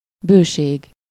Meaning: abundance
- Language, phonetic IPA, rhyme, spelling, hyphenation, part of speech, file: Hungarian, [ˈbøːʃeːɡ], -eːɡ, bőség, bő‧ség, noun, Hu-bőség.ogg